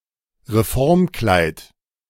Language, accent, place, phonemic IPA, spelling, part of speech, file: German, Germany, Berlin, /ʁeˈfɔʁmˌklaɪ̯t/, Reformkleid, noun, De-Reformkleid.ogg
- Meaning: reform dress